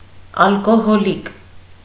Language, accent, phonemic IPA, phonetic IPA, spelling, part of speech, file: Armenian, Eastern Armenian, /ɑlkohoˈlik/, [ɑlkoholík], ալկոհոլիկ, noun, Hy-ալկոհոլիկ.ogg
- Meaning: an alcoholic, person who is addicted or abuses alcohol